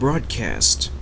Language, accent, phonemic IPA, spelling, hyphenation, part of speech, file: English, Canada, /ˈbɹɒd(ˌ)kæst/, broadcast, broad‧cast, adjective / adverb / noun / verb, En-ca-broadcast.ogg
- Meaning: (adjective) 1. Cast or scattered widely in all directions; cast abroad 2. Communicated, signalled, or transmitted to many people, through radio waves or electronic means